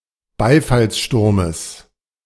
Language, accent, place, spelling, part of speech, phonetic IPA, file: German, Germany, Berlin, Beifallssturmes, noun, [ˈbaɪ̯falsˌʃtʊʁməs], De-Beifallssturmes.ogg
- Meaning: genitive singular of Beifallssturm